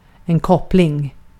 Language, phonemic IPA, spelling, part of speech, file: Swedish, /²kɔplɪŋ/, koppling, noun, Sv-koppling.ogg
- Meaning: 1. a connection, a coupling 2. a clutch